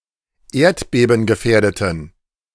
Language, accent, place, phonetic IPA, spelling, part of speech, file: German, Germany, Berlin, [ˈeːɐ̯tbeːbn̩ɡəˌfɛːɐ̯dətn̩], erdbebengefährdeten, adjective, De-erdbebengefährdeten.ogg
- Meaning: inflection of erdbebengefährdet: 1. strong genitive masculine/neuter singular 2. weak/mixed genitive/dative all-gender singular 3. strong/weak/mixed accusative masculine singular